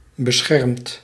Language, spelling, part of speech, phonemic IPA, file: Dutch, beschermd, verb / adjective, /bəˈsxɛrᵊmt/, Nl-beschermd.ogg
- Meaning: past participle of beschermen